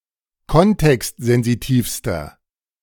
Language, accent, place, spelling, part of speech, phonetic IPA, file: German, Germany, Berlin, kontextsensitivster, adjective, [ˈkɔntɛkstzɛnziˌtiːfstɐ], De-kontextsensitivster.ogg
- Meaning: inflection of kontextsensitiv: 1. strong/mixed nominative masculine singular superlative degree 2. strong genitive/dative feminine singular superlative degree